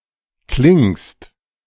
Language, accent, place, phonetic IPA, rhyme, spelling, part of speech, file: German, Germany, Berlin, [klɪŋst], -ɪŋst, klingst, verb, De-klingst.ogg
- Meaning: second-person singular present of klingen